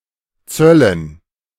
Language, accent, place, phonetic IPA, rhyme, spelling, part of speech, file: German, Germany, Berlin, [ˈt͡sœlən], -œlən, Zöllen, noun, De-Zöllen.ogg
- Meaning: dative plural of Zoll